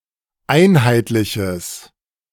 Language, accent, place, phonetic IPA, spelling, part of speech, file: German, Germany, Berlin, [ˈaɪ̯nhaɪ̯tlɪçəs], einheitliches, adjective, De-einheitliches.ogg
- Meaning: strong/mixed nominative/accusative neuter singular of einheitlich